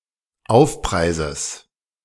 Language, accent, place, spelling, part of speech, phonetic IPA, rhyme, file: German, Germany, Berlin, Aufpreises, noun, [ˈaʊ̯fˌpʁaɪ̯zəs], -aʊ̯fpʁaɪ̯zəs, De-Aufpreises.ogg
- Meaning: genitive singular of Aufpreis